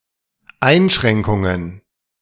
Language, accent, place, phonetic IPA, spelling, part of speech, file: German, Germany, Berlin, [ˈaɪ̯nˌʃʁɛŋkʊŋən], Einschränkungen, noun, De-Einschränkungen.ogg
- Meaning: plural of Einschränkung